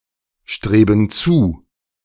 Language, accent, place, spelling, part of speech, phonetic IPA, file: German, Germany, Berlin, streben zu, verb, [ˌʃtʁeːbn̩ ˈt͡suː], De-streben zu.ogg
- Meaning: inflection of zustreben: 1. first/third-person plural present 2. first/third-person plural subjunctive I